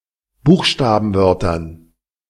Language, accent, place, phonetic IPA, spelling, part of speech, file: German, Germany, Berlin, [ˈbuːxʃtaːbn̩ˌvœʁtɐn], Buchstabenwörtern, noun, De-Buchstabenwörtern.ogg
- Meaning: dative plural of Buchstabenwort